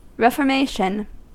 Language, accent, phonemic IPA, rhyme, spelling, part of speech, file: English, US, /ˌɹɛf.əɹˈmeɪ.ʃən/, -eɪʃən, reformation, noun, En-us-reformation.ogg